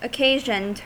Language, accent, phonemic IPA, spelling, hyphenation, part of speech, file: English, US, /əˈkeɪʒənd/, occasioned, oc‧ca‧sioned, verb, En-us-occasioned.ogg
- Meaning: simple past and past participle of occasion